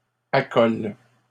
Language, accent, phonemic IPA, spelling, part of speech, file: French, Canada, /a.kɔl/, accole, verb, LL-Q150 (fra)-accole.wav
- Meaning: inflection of accoler: 1. first/third-person singular present indicative/subjunctive 2. second-person singular imperative